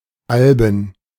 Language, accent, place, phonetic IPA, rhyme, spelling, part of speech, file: German, Germany, Berlin, [ˈalbn̩], -albn̩, Alben, noun, De-Alben.ogg
- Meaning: 1. plural of Alb 2. plural of Albe 3. plural of Album